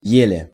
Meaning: 1. hardly, scarcely, barely 2. slightly 3. with (great) difficulty
- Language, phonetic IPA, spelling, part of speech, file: Russian, [ˈjelʲe], еле, adverb, Ru-еле.ogg